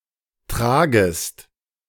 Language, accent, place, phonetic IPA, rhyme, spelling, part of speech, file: German, Germany, Berlin, [ˈtʁaːɡəst], -aːɡəst, tragest, verb, De-tragest.ogg
- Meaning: second-person singular subjunctive I of tragen